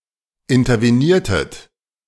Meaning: inflection of intervenieren: 1. second-person plural preterite 2. second-person plural subjunctive II
- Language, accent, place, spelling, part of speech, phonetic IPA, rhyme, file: German, Germany, Berlin, interveniertet, verb, [ɪntɐveˈniːɐ̯tət], -iːɐ̯tət, De-interveniertet.ogg